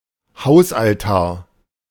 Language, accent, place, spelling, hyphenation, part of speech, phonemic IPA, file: German, Germany, Berlin, Hausaltar, Haus‧al‧tar, noun, /ˈhaʊ̯sʔalˌtaːɐ̯/, De-Hausaltar.ogg
- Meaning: family altar